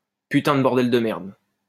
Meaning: holy fucking shit
- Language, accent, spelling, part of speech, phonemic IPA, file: French, France, putain de bordel de merde, interjection, /py.tɛ̃ d(ə) bɔʁ.dɛl də mɛʁd/, LL-Q150 (fra)-putain de bordel de merde.wav